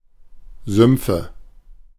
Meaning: nominative/accusative/genitive plural of Sumpf
- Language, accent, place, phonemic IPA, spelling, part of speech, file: German, Germany, Berlin, /ˈzʏmpfə/, Sümpfe, noun, De-Sümpfe.ogg